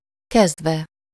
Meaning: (verb) adverbial participle of kezd; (postposition) from...on, as of
- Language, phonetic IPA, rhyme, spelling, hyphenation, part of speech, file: Hungarian, [ˈkɛzdvɛ], -vɛ, kezdve, kezd‧ve, verb / postposition, Hu-kezdve.ogg